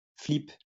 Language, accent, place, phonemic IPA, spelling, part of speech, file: French, France, Lyon, /flip/, flip, noun, LL-Q150 (fra)-flip.wav
- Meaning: 1. a type of alcoholic punch from Normandy, composed of cider and calvados 2. backflip